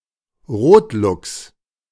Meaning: bobcat, Lynx rufus
- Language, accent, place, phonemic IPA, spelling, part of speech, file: German, Germany, Berlin, /ˈʁoːtˌlʊks/, Rotluchs, noun, De-Rotluchs.ogg